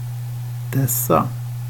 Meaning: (determiner) plural of denna
- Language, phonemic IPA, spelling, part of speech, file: Swedish, /ˈdɛˌsːa/, dessa, determiner / pronoun, Sv-dessa.ogg